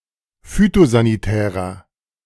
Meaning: inflection of phytosanitär: 1. strong/mixed nominative masculine singular 2. strong genitive/dative feminine singular 3. strong genitive plural
- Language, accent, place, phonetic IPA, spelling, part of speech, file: German, Germany, Berlin, [ˈfyːtozaniˌtɛːʁɐ], phytosanitärer, adjective, De-phytosanitärer.ogg